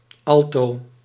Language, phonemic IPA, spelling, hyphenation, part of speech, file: Dutch, /ˈɑl.toː/, alto, al‧to, noun, Nl-alto.ogg
- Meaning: someone who participates in an alternative subculture (e.g. a hipster, emo or punk)